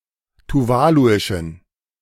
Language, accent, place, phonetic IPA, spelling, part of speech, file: German, Germany, Berlin, [tuˈvaːluɪʃn̩], tuvaluischen, adjective, De-tuvaluischen.ogg
- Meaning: inflection of tuvaluisch: 1. strong genitive masculine/neuter singular 2. weak/mixed genitive/dative all-gender singular 3. strong/weak/mixed accusative masculine singular 4. strong dative plural